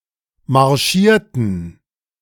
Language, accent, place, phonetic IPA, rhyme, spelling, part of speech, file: German, Germany, Berlin, [maʁˈʃiːɐ̯tn̩], -iːɐ̯tn̩, marschierten, adjective / verb, De-marschierten.ogg
- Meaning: inflection of marschieren: 1. first/third-person plural preterite 2. first/third-person plural subjunctive II